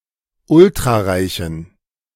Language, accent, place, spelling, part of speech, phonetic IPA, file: German, Germany, Berlin, ultrareichen, adjective, [ˈʊltʁaˌʁaɪ̯çn̩], De-ultrareichen.ogg
- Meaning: inflection of ultrareich: 1. strong genitive masculine/neuter singular 2. weak/mixed genitive/dative all-gender singular 3. strong/weak/mixed accusative masculine singular 4. strong dative plural